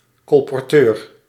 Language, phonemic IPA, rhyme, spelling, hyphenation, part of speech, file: Dutch, /ˌkɔl.pɔrˈtøːr/, -øːr, colporteur, col‧por‧teur, noun, Nl-colporteur.ogg
- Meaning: a door-to-door salesperson